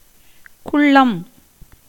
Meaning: 1. shortness in stature 2. wickedness, cruelty 3. craft, cunning
- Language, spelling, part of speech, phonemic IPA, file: Tamil, குள்ளம், noun, /kʊɭːɐm/, Ta-குள்ளம்.ogg